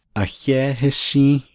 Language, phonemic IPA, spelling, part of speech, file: Navajo, /ʔɑ̀héːhɪ́ʃĩ́ːh/, Ahééhíshį́į́h, proper noun, Nv-Ahééhíshį́į́h.ogg
- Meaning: 1. California (a state of the United States) 2. Phoenix (the capital and largest city of Arizona, United States)